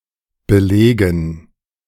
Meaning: 1. to cover 2. to fill (a sandwich etc.) 3. to document, back, substantiate 4. to enroll for; to take (a course) 5. to bombard 6. to reserve (a seat, room etc.); to occupy (a building)
- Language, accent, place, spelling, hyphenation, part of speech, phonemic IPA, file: German, Germany, Berlin, belegen, be‧le‧gen, verb, /bəˈleːɡən/, De-belegen.ogg